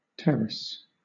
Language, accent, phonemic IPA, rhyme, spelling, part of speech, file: English, Southern England, /ˈtɛɹəs/, -ɛɹəs, terrace, noun / verb, LL-Q1860 (eng)-terrace.wav
- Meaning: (noun) 1. A flat open area on the topmost floor of a building or apartment 2. A platform that extends outwards from a building